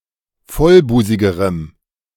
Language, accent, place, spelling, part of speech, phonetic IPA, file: German, Germany, Berlin, vollbusigerem, adjective, [ˈfɔlˌbuːzɪɡəʁəm], De-vollbusigerem.ogg
- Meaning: strong dative masculine/neuter singular comparative degree of vollbusig